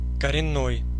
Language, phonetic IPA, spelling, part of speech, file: Russian, [kərʲɪˈnːoj], коренной, adjective, Ru-коренной.ogg
- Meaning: 1. indigenous, native, aboriginal 2. fundamental, radical, basic